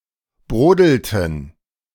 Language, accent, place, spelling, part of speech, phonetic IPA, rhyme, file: German, Germany, Berlin, brodelten, verb, [ˈbʁoːdl̩tn̩], -oːdl̩tn̩, De-brodelten.ogg
- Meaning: inflection of brodeln: 1. first/third-person plural preterite 2. first/third-person plural subjunctive II